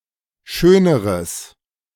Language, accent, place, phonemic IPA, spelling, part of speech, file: German, Germany, Berlin, /ˈʃøːnəʁəs/, schöneres, adjective, De-schöneres.ogg
- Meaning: strong/mixed nominative/accusative neuter singular comparative degree of schön